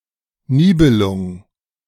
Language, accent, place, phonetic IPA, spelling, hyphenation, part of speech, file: German, Germany, Berlin, [ˈniːbəlʊŋ], Nibelung, Ni‧be‧lung, noun, De-Nibelung.ogg
- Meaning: Nibelung